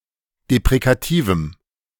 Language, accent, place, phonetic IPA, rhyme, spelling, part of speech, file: German, Germany, Berlin, [depʁekaˈtiːvm̩], -iːvm̩, deprekativem, adjective, De-deprekativem.ogg
- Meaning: strong dative masculine/neuter singular of deprekativ